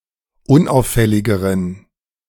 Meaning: inflection of unauffällig: 1. strong genitive masculine/neuter singular comparative degree 2. weak/mixed genitive/dative all-gender singular comparative degree
- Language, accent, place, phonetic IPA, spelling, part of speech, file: German, Germany, Berlin, [ˈʊnˌʔaʊ̯fɛlɪɡəʁən], unauffälligeren, adjective, De-unauffälligeren.ogg